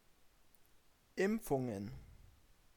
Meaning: plural of Impfung
- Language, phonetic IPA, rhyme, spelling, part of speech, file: German, [ˈɪmp͡fʊŋən], -ɪmp͡fʊŋən, Impfungen, noun, De-Impfungen.ogg